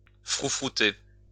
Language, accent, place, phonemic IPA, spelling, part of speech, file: French, France, Lyon, /fʁu.fʁu.te/, froufrouter, verb, LL-Q150 (fra)-froufrouter.wav
- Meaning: to rustle